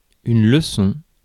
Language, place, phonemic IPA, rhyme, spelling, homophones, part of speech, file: French, Paris, /lə.sɔ̃/, -ɔ̃, leçon, leçons, noun, Fr-leçon.ogg
- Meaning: lesson